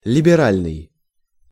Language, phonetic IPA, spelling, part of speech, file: Russian, [lʲɪbʲɪˈralʲnɨj], либеральный, adjective, Ru-либеральный.ogg
- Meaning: liberal